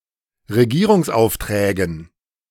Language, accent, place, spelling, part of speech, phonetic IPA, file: German, Germany, Berlin, Regierungsaufträgen, noun, [ʁeˈɡiːʁʊŋsˌʔaʊ̯ftʁɛːɡn̩], De-Regierungsaufträgen.ogg
- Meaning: dative plural of Regierungsauftrag